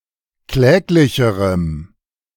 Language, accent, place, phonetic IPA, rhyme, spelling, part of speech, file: German, Germany, Berlin, [ˈklɛːklɪçəʁəm], -ɛːklɪçəʁəm, kläglicherem, adjective, De-kläglicherem.ogg
- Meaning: strong dative masculine/neuter singular comparative degree of kläglich